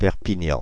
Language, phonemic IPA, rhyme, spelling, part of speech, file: French, /pɛʁ.pi.ɲɑ̃/, -ɑ̃, Perpignan, proper noun, Fr-Perpignan.ogg
- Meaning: Perpignan (a city in Pyrénées-Orientales department, France)